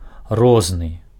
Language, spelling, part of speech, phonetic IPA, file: Belarusian, розны, adjective, [ˈroznɨ], Be-розны.ogg
- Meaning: different, various